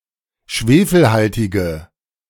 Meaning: inflection of schwefelhaltig: 1. strong/mixed nominative/accusative feminine singular 2. strong nominative/accusative plural 3. weak nominative all-gender singular
- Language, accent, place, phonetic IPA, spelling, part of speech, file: German, Germany, Berlin, [ˈʃveːfl̩ˌhaltɪɡə], schwefelhaltige, adjective, De-schwefelhaltige.ogg